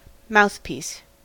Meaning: A part of any device that functions in or near the mouth, especially: 1. The part of a telephone that is held close to the mouth 2. The part of a wind instrument that is held in or against the mouth
- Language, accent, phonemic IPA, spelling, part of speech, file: English, US, /ˈmaʊθˌpiːs/, mouthpiece, noun, En-us-mouthpiece.ogg